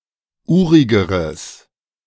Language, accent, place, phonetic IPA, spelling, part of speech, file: German, Germany, Berlin, [ˈuːʁɪɡəʁəs], urigeres, adjective, De-urigeres.ogg
- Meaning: strong/mixed nominative/accusative neuter singular comparative degree of urig